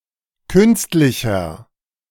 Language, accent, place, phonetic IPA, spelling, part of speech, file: German, Germany, Berlin, [ˈkʏnstlɪçɐ], künstlicher, adjective, De-künstlicher.ogg
- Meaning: 1. comparative degree of künstlich 2. inflection of künstlich: strong/mixed nominative masculine singular 3. inflection of künstlich: strong genitive/dative feminine singular